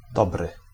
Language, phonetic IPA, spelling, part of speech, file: Polish, [ˈdɔbrɨ], dobry, adjective / noun / interjection, Pl-dobry.ogg